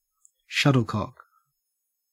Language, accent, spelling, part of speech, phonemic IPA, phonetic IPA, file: English, Australia, shuttlecock, noun / verb, /ˈʃɐtl̩ˌkɔk/, [ˈʃɐɾɫ̩ˌkɔk], En-au-shuttlecock.ogg
- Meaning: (noun) 1. A lightweight object that is conical in shape with a cork or rubber-covered nose, used in badminton the way a ball is used in other racquet games 2. The game of badminton